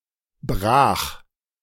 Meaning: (adjective) fallow; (verb) first/third-person singular preterite of brechen
- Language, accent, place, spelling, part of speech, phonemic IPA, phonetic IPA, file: German, Germany, Berlin, brach, adjective / verb, /braːx/, [bʁaːχ], De-brach.ogg